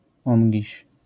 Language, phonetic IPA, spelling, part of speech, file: Polish, [ˈɔ̃ŋʲɟiɕ], ongiś, adverb, LL-Q809 (pol)-ongiś.wav